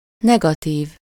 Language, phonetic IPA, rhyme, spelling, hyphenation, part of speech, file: Hungarian, [ˈnɛɡɒtiːv], -iːv, negatív, ne‧ga‧tív, adjective / noun, Hu-negatív.ogg
- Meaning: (adjective) negative; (noun) 1. negative (image in which dark areas represent light ones, and the converse) 2. mould (of casting)